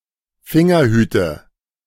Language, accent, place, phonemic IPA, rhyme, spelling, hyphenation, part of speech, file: German, Germany, Berlin, /ˈfɪŋɐˌhyːtə/, -yːtə, Fingerhüte, Fin‧ger‧hü‧te, noun, De-Fingerhüte.ogg
- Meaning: nominative/accusative/genitive plural of Fingerhut